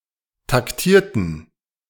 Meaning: inflection of taktieren: 1. first/third-person plural preterite 2. first/third-person plural subjunctive II
- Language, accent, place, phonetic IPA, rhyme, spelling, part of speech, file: German, Germany, Berlin, [takˈtiːɐ̯tn̩], -iːɐ̯tn̩, taktierten, adjective / verb, De-taktierten.ogg